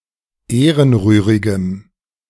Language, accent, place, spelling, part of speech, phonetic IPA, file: German, Germany, Berlin, ehrenrührigem, adjective, [ˈeːʁənˌʁyːʁɪɡəm], De-ehrenrührigem.ogg
- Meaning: strong dative masculine/neuter singular of ehrenrührig